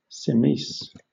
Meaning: Half-eaten
- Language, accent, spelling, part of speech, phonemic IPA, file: English, Southern England, semese, adjective, /sɪˈmiːs/, LL-Q1860 (eng)-semese.wav